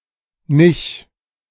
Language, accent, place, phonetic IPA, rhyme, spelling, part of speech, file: German, Germany, Berlin, [nɪç], -ɪç, nich, particle, De-nich.ogg
- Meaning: pronunciation spelling of nicht, representing Northern Germany German